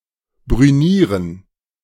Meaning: to burnish, to blue (steel)
- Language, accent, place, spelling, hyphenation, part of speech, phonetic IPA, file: German, Germany, Berlin, brünieren, brü‧nie‧ren, verb, [bʁyˈniːʁən], De-brünieren.ogg